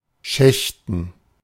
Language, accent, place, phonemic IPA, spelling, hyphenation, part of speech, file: German, Germany, Berlin, /ˈʃɛçtən/, schächten, schäch‧ten, verb, De-schächten.ogg
- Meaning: to slaughter by bleeding out